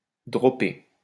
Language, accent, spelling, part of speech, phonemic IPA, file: French, France, dropper, verb, /dʁɔ.pe/, LL-Q150 (fra)-dropper.wav
- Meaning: 1. to drop (a golf ball in a position other than it has landed) 2. to drop (to forget, cease talking about)